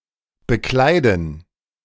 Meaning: 1. to dress 2. to hold (an office)
- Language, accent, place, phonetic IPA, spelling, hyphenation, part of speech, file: German, Germany, Berlin, [bəˈklaɪ̯dn̩], bekleiden, be‧klei‧den, verb, De-bekleiden.ogg